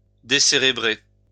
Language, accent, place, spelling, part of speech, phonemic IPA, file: French, France, Lyon, décérébrer, verb, /de.se.ʁe.bʁe/, LL-Q150 (fra)-décérébrer.wav
- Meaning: to decerebrate